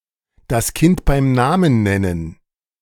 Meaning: to call a spade a spade (to speak the truth)
- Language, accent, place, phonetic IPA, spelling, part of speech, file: German, Germany, Berlin, [das ˈkɪnt baɪ̯m ˈnaːmən ˈnɛnən], das Kind beim Namen nennen, phrase, De-das Kind beim Namen nennen.ogg